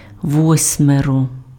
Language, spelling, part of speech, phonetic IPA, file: Ukrainian, восьмеро, determiner, [ˈwɔsʲmerɔ], Uk-восьмеро.ogg
- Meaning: eight